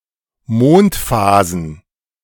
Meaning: plural of Mondphase
- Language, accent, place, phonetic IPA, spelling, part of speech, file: German, Germany, Berlin, [ˈmoːntˌfaːzn̩], Mondphasen, noun, De-Mondphasen.ogg